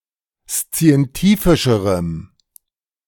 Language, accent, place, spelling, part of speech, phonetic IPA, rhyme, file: German, Germany, Berlin, szientifischerem, adjective, [st͡si̯ɛnˈtiːfɪʃəʁəm], -iːfɪʃəʁəm, De-szientifischerem.ogg
- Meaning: strong dative masculine/neuter singular comparative degree of szientifisch